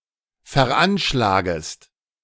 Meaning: second-person singular subjunctive I of veranschlagen
- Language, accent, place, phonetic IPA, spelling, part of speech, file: German, Germany, Berlin, [fɛɐ̯ˈʔanʃlaːɡəst], veranschlagest, verb, De-veranschlagest.ogg